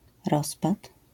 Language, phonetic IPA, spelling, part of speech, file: Polish, [ˈrɔspat], rozpad, noun, LL-Q809 (pol)-rozpad.wav